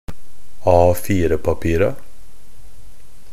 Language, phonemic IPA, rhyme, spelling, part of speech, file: Norwegian Bokmål, /ˈɑːfiːrəpapiːra/, -iːra, A4-papira, noun, NB - Pronunciation of Norwegian Bokmål «A4-papira».ogg
- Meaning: definite plural of A4-papir